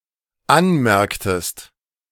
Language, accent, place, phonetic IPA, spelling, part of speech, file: German, Germany, Berlin, [ˈanˌmɛʁktəst], anmerktest, verb, De-anmerktest.ogg
- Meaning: inflection of anmerken: 1. second-person singular dependent preterite 2. second-person singular dependent subjunctive II